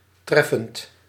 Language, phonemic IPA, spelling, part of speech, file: Dutch, /ˈtrɛfənt/, treffend, verb / adjective, Nl-treffend.ogg
- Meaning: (verb) present participle of treffen; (adjective) 1. apt, apposite, appropriate, poignant 2. striking, salient 3. affecting, touching, moving, poignant